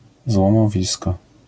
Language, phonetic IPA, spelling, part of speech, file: Polish, [ˌzwɔ̃mɔˈvʲiskɔ], złomowisko, noun, LL-Q809 (pol)-złomowisko.wav